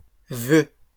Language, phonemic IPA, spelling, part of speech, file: French, /vø/, voeu, noun, LL-Q150 (fra)-voeu.wav
- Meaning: nonstandard spelling of vœu